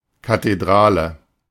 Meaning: cathedral
- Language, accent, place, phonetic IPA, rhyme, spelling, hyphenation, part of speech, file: German, Germany, Berlin, [kateˈdʁaːlə], -aːlə, Kathedrale, Ka‧the‧d‧ra‧le, noun, De-Kathedrale.ogg